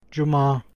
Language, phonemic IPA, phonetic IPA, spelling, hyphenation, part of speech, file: Turkish, /d͡ʒu.mɑː/, [d͡ʒu.mɑ̈ː], cuma, cu‧ma, noun, Tr-cuma.ogg
- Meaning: Friday